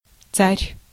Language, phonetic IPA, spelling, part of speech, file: Russian, [t͡sarʲ], царь, noun, Ru-царь.ogg
- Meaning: 1. tsar, Russian emperor 2. king (figuratively, or referring to ancient or non-European monarchs)